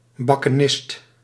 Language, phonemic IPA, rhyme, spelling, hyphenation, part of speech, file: Dutch, /ˌbɑ.kəˈnɪst/, -ɪst, bakkenist, bak‧ke‧nist, noun, Nl-bakkenist.ogg
- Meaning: sidecar passenger